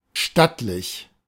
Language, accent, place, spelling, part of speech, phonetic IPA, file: German, Germany, Berlin, stattlich, adjective, [ˈʃtatlɪç], De-stattlich.ogg
- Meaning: stately, imposant